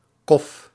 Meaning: koff
- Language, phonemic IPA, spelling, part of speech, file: Dutch, /kɔf/, kof, noun, Nl-kof.ogg